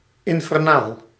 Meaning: 1. of or relating to hell, or the world of the dead; hellish 2. of or relating to a fire or inferno 3. diabolical or fiendish
- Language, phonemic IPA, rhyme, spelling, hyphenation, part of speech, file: Dutch, /ˌɪn.fɛrˈnaːl/, -aːl, infernaal, in‧fer‧naal, adjective, Nl-infernaal.ogg